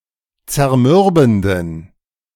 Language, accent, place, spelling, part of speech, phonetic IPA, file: German, Germany, Berlin, zermürbenden, adjective, [t͡sɛɐ̯ˈmʏʁbn̩dən], De-zermürbenden.ogg
- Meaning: inflection of zermürbend: 1. strong genitive masculine/neuter singular 2. weak/mixed genitive/dative all-gender singular 3. strong/weak/mixed accusative masculine singular 4. strong dative plural